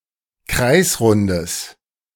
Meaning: strong/mixed nominative/accusative neuter singular of kreisrund
- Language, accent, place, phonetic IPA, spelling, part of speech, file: German, Germany, Berlin, [ˈkʁaɪ̯sˌʁʊndəs], kreisrundes, adjective, De-kreisrundes.ogg